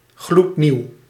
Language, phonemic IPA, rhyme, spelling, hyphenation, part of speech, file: Dutch, /ɣlutˈniu̯/, -iu̯, gloednieuw, gloed‧nieuw, adjective, Nl-gloednieuw.ogg
- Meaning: brand new